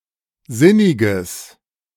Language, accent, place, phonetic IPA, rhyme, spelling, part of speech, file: German, Germany, Berlin, [ˈzɪnɪɡəs], -ɪnɪɡəs, sinniges, adjective, De-sinniges.ogg
- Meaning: strong/mixed nominative/accusative neuter singular of sinnig